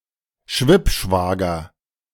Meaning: co-brother-in-law: the husband of someone's spouse's sister; (hence in the plural) those married to a group of siblings in relation to each other
- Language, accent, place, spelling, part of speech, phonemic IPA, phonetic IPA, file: German, Germany, Berlin, Schwippschwager, noun, /ˈʃvɪpˌʃvaːɡər/, [ˈʃʋɪpˌʃʋaː.ɡɐ], De-Schwippschwager.ogg